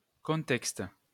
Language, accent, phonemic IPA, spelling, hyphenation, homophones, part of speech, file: French, France, /kɔ̃.tɛkst/, contexte, con‧texte, contextes, noun, LL-Q150 (fra)-contexte.wav
- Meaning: context